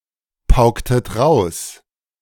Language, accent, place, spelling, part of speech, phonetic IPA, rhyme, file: German, Germany, Berlin, paulinische, adjective, [paʊ̯ˈliːnɪʃə], -iːnɪʃə, De-paulinische.ogg
- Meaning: inflection of paulinisch: 1. strong/mixed nominative/accusative feminine singular 2. strong nominative/accusative plural 3. weak nominative all-gender singular